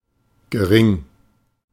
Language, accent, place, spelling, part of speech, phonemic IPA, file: German, Germany, Berlin, gering, adjective, /ɡəˈʁɪŋ/, De-gering.ogg
- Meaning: little, low